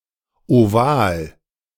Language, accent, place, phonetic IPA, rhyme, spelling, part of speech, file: German, Germany, Berlin, [oˈvaːl], -aːl, Oval, noun, De-Oval.ogg
- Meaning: oval